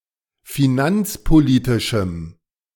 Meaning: strong dative masculine/neuter singular of finanzpolitisch
- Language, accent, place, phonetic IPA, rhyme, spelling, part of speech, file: German, Germany, Berlin, [fiˈnant͡spoˌliːtɪʃm̩], -ant͡spoliːtɪʃm̩, finanzpolitischem, adjective, De-finanzpolitischem.ogg